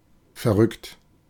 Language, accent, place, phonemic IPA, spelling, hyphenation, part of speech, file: German, Germany, Berlin, /fɛɐˈʁʏkt/, verrückt, ver‧rückt, verb / adjective, De-verrückt.ogg
- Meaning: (verb) past participle of verrücken; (adjective) crazy, mad; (verb) inflection of verrücken: 1. second-person plural present 2. third-person singular present 3. plural imperative